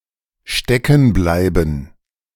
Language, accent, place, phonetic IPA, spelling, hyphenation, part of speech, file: German, Germany, Berlin, [ˈʃtɛkn̩ˌblaɪ̯bn̩], steckenbleiben, ste‧cken‧blei‧ben, verb, De-steckenbleiben.ogg
- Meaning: to become stuck